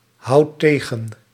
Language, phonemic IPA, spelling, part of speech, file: Dutch, /ˈhɑut ˈteɣə(n)/, houdt tegen, verb, Nl-houdt tegen.ogg
- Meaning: inflection of tegenhouden: 1. second/third-person singular present indicative 2. plural imperative